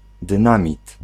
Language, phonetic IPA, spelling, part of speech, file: Polish, [dɨ̃ˈnãmʲit], dynamit, noun, Pl-dynamit.ogg